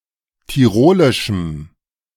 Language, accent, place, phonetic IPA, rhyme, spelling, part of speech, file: German, Germany, Berlin, [tiˈʁoːlɪʃm̩], -oːlɪʃm̩, tirolischem, adjective, De-tirolischem.ogg
- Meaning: strong dative masculine/neuter singular of tirolisch